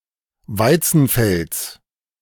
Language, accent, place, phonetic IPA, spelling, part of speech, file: German, Germany, Berlin, [ˈvaɪ̯t͡sn̩ˌfɛlt͡s], Weizenfelds, noun, De-Weizenfelds.ogg
- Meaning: genitive singular of Weizenfeld